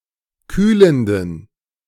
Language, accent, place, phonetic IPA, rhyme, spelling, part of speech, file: German, Germany, Berlin, [ˈkyːləndn̩], -yːləndn̩, kühlenden, adjective, De-kühlenden.ogg
- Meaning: inflection of kühlend: 1. strong genitive masculine/neuter singular 2. weak/mixed genitive/dative all-gender singular 3. strong/weak/mixed accusative masculine singular 4. strong dative plural